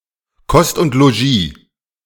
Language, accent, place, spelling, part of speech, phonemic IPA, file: German, Germany, Berlin, Kost und Logis, noun, /ˈkɔst ʊnt loˈʒiː/, De-Kost und Logis.ogg
- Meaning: board and lodging, room and board